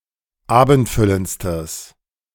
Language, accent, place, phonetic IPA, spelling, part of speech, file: German, Germany, Berlin, [ˈaːbn̩tˌfʏlənt͡stəs], abendfüllendstes, adjective, De-abendfüllendstes.ogg
- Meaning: strong/mixed nominative/accusative neuter singular superlative degree of abendfüllend